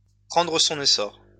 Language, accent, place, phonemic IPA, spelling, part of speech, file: French, France, Lyon, /pʁɑ̃.dʁə sɔ̃.n‿e.sɔʁ/, prendre son essor, verb, LL-Q150 (fra)-prendre son essor.wav
- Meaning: 1. to take flight, to fly off 2. to take off, to soar up, to flourish, to blossom